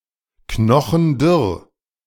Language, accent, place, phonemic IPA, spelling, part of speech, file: German, Germany, Berlin, /ˈknɔχn̩ˈdʏʁ/, knochendürr, adjective, De-knochendürr.ogg
- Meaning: all skin and bones (very thin)